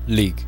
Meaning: Used to form adjectives from nouns, meaning “resembling, characterized by, belonging to, or relating to” what the noun denotes
- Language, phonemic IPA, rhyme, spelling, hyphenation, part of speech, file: Norwegian Bokmål, /-lɪ/, -lɪ, -lig, -lig, suffix, No-lig.ogg